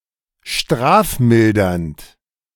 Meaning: mitigated from a heavier punishment
- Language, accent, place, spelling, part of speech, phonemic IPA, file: German, Germany, Berlin, strafmildernd, adjective, /ˈʃtʁaːfˌmɪldɐnt/, De-strafmildernd.ogg